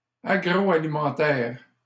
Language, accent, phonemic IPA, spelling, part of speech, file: French, Canada, /a.ɡʁo.a.li.mɑ̃.tɛʁ/, agroalimentaire, adjective, LL-Q150 (fra)-agroalimentaire.wav
- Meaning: food and agriculture